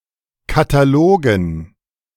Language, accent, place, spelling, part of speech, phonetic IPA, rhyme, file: German, Germany, Berlin, Katalogen, noun, [kataˈloːɡn̩], -oːɡn̩, De-Katalogen.ogg
- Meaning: dative plural of Katalog